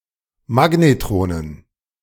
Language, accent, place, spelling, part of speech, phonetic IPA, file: German, Germany, Berlin, Magnetronen, noun, [ˈmaɡnetʁoːnən], De-Magnetronen.ogg
- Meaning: dative plural of Magnetron